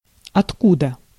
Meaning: 1. whence, from where 2. from which 3. whence
- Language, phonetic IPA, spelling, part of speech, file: Russian, [ɐtˈkudə], откуда, adverb, Ru-откуда.ogg